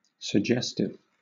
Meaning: 1. Tending to suggest or imply 2. Suggesting romance, sex, etc.; risqué 3. Relating to hypnotic suggestion
- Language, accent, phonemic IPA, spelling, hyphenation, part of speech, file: English, Southern England, /sə(ɡ)ˈd͡ʒɛs.tɪv/, suggestive, sug‧ges‧tive, adjective, LL-Q1860 (eng)-suggestive.wav